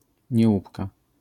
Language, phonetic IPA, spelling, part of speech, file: Polish, [ɲɛˈwupka], niełupka, noun, LL-Q809 (pol)-niełupka.wav